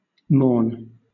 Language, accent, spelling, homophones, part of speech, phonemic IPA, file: English, Southern England, mourn, mourne / morn, verb / noun, /mɔːn/, LL-Q1860 (eng)-mourn.wav
- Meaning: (verb) 1. To express sadness or sorrow for; to grieve over (especially a death) 2. To engage in the social customs of mourning; to commemorate a death and/or honour the deceased socially